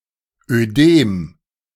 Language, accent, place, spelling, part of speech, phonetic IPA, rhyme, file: German, Germany, Berlin, Ödem, noun, [øˈdeːm], -eːm, De-Ödem.ogg
- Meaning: oedema